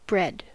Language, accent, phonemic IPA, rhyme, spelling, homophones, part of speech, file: English, General American, /bɹɛd/, -ɛd, bread, bred, noun / verb, En-us-bread.ogg
- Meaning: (noun) A foodstuff made by baking dough made from cereals